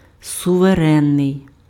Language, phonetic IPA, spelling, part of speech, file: Ukrainian, [sʊʋeˈrɛnːei̯], суверенний, adjective, Uk-суверенний.ogg
- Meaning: sovereign